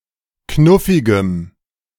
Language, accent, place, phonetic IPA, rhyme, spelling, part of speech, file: German, Germany, Berlin, [ˈknʊfɪɡəm], -ʊfɪɡəm, knuffigem, adjective, De-knuffigem.ogg
- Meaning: strong dative masculine/neuter singular of knuffig